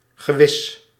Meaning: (adjective) certain, sure; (adverb) certainly, surely
- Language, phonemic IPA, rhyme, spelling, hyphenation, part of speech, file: Dutch, /ɣəˈʋɪs/, -ɪs, gewis, ge‧wis, adjective / adverb, Nl-gewis.ogg